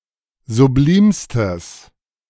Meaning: strong/mixed nominative/accusative neuter singular superlative degree of sublim
- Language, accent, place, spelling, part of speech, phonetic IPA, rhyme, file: German, Germany, Berlin, sublimstes, adjective, [zuˈbliːmstəs], -iːmstəs, De-sublimstes.ogg